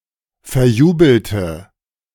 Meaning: inflection of verjubeln: 1. first/third-person singular preterite 2. first/third-person singular subjunctive II
- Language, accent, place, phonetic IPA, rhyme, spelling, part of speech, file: German, Germany, Berlin, [fɛɐ̯ˈjuːbl̩tə], -uːbl̩tə, verjubelte, adjective, De-verjubelte.ogg